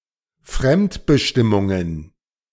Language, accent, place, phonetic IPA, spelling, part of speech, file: German, Germany, Berlin, [ˈfʁɛmtbəˌʃtɪmʊŋən], Fremdbestimmungen, noun, De-Fremdbestimmungen.ogg
- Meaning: plural of Fremdbestimmung